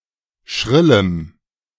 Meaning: strong dative masculine/neuter singular of schrill
- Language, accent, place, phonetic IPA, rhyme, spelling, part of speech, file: German, Germany, Berlin, [ˈʃʁɪləm], -ɪləm, schrillem, adjective, De-schrillem.ogg